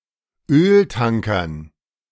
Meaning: dative plural of Öltanker
- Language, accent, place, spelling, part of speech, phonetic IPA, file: German, Germany, Berlin, Öltankern, noun, [ˈøːlˌtaŋkɐn], De-Öltankern.ogg